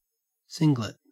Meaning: A set of one, an item not part of a larger set: 1. A multiplet having a single member, especially a single spectroscopic peak 2. A quantum state having zero spin
- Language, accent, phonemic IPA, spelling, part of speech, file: English, Australia, /ˈsɪŋɡlɪt/, singlet, noun, En-au-singlet.ogg